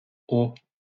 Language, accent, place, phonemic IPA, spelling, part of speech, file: French, France, Lyon, /o/, hauts, adjective, LL-Q150 (fra)-hauts.wav
- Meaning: masculine plural of haut